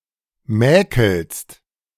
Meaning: second-person singular present of mäkeln
- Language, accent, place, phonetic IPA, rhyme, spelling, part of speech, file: German, Germany, Berlin, [ˈmɛːkl̩st], -ɛːkl̩st, mäkelst, verb, De-mäkelst.ogg